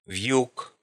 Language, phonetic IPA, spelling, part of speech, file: Russian, [v⁽ʲ⁾juk], вьюк, noun, Ru-вьюк.ogg
- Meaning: 1. bale, load 2. saddlebag